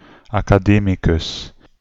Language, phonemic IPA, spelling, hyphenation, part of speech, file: Dutch, /ˌaː.kaːˈdeː.mi.kʏs/, academicus, aca‧de‧mi‧cus, noun, Nl-academicus.ogg
- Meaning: 1. an academic 2. an academician